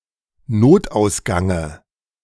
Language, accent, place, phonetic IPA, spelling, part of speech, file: German, Germany, Berlin, [ˈnoːtʔaʊ̯sˌɡaŋə], Notausgange, noun, De-Notausgange.ogg
- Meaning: dative of Notausgang